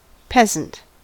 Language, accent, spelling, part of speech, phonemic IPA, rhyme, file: English, US, peasant, noun / adjective, /ˈpɛzənt/, -ɛzənt, En-us-peasant.ogg